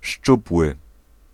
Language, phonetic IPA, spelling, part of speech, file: Polish, [ˈʃt͡ʃupwɨ], szczupły, adjective, Pl-szczupły.ogg